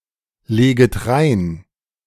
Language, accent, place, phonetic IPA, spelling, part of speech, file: German, Germany, Berlin, [ˌleːɡət ˈʁaɪ̯n], leget rein, verb, De-leget rein.ogg
- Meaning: second-person plural subjunctive I of reinlegen